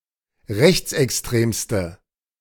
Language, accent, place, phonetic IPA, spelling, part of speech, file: German, Germany, Berlin, [ˈʁɛçt͡sʔɛksˌtʁeːmstə], rechtsextremste, adjective, De-rechtsextremste.ogg
- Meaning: inflection of rechtsextrem: 1. strong/mixed nominative/accusative feminine singular superlative degree 2. strong nominative/accusative plural superlative degree